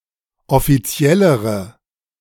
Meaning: inflection of offiziell: 1. strong/mixed nominative/accusative feminine singular comparative degree 2. strong nominative/accusative plural comparative degree
- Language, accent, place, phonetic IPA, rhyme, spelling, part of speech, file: German, Germany, Berlin, [ɔfiˈt͡si̯ɛləʁə], -ɛləʁə, offiziellere, adjective, De-offiziellere.ogg